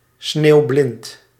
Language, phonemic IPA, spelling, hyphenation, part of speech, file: Dutch, /ˈsneːu̯.blɪnt/, sneeuwblind, sneeuw‧blind, adjective, Nl-sneeuwblind.ogg
- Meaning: snowblind, blindness caused by overexposure to UV light because of reflection by snow